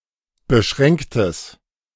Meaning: strong/mixed nominative/accusative neuter singular of beschränkt
- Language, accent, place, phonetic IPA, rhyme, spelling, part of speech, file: German, Germany, Berlin, [bəˈʃʁɛŋktəs], -ɛŋktəs, beschränktes, adjective, De-beschränktes.ogg